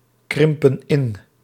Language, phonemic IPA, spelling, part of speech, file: Dutch, /ˈkrɪmpə(n) ˈɪn/, krimpen in, verb, Nl-krimpen in.ogg
- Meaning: inflection of inkrimpen: 1. plural present indicative 2. plural present subjunctive